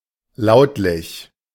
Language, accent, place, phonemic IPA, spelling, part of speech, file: German, Germany, Berlin, /ˈlaʊ̯tlɪç/, lautlich, adjective, De-lautlich.ogg
- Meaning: phonetic